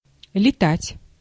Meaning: to fly
- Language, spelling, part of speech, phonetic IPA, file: Russian, летать, verb, [lʲɪˈtatʲ], Ru-летать.ogg